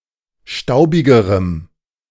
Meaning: strong dative masculine/neuter singular comparative degree of staubig
- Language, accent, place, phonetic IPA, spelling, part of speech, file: German, Germany, Berlin, [ˈʃtaʊ̯bɪɡəʁəm], staubigerem, adjective, De-staubigerem.ogg